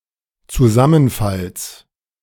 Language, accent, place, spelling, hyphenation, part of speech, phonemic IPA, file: German, Germany, Berlin, Zusammenfalls, Zu‧sam‧men‧falls, noun, /t͡suˈzamənˌfals/, De-Zusammenfalls.ogg
- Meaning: genitive singular of Zusammenfall